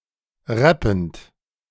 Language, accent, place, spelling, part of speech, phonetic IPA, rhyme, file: German, Germany, Berlin, rappend, verb, [ˈʁɛpn̩t], -ɛpn̩t, De-rappend.ogg
- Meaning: present participle of rappen